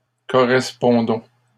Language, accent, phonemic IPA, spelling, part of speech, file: French, Canada, /kɔ.ʁɛs.pɔ̃.dɔ̃/, correspondons, verb, LL-Q150 (fra)-correspondons.wav
- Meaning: inflection of correspondre: 1. first-person plural present indicative 2. first-person plural imperative